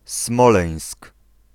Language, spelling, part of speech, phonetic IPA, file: Polish, Smoleńsk, proper noun, [ˈsmɔlɛ̃j̃sk], Pl-Smoleńsk.ogg